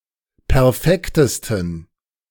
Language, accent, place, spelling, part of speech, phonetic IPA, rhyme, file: German, Germany, Berlin, perfektesten, adjective, [pɛʁˈfɛktəstn̩], -ɛktəstn̩, De-perfektesten.ogg
- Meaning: 1. superlative degree of perfekt 2. inflection of perfekt: strong genitive masculine/neuter singular superlative degree